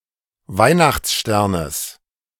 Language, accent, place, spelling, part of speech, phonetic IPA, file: German, Germany, Berlin, Weihnachtssternes, noun, [ˈvaɪ̯naxt͡sˌʃtɛʁnəs], De-Weihnachtssternes.ogg
- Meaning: genitive singular of Weihnachtsstern